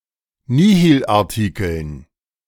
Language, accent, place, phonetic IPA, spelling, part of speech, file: German, Germany, Berlin, [ˈniːhilʔaʁˌtiːkl̩n], Nihilartikeln, noun, De-Nihilartikeln.ogg
- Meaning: dative plural of Nihilartikel